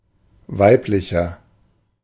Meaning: 1. comparative degree of weiblich 2. inflection of weiblich: strong/mixed nominative masculine singular 3. inflection of weiblich: strong genitive/dative feminine singular
- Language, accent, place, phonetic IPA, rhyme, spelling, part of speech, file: German, Germany, Berlin, [ˈvaɪ̯plɪçɐ], -aɪ̯plɪçɐ, weiblicher, adjective, De-weiblicher.ogg